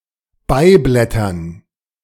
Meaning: dative plural of Beiblatt
- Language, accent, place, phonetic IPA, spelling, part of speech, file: German, Germany, Berlin, [ˈbaɪ̯ˌblɛtɐn], Beiblättern, noun, De-Beiblättern.ogg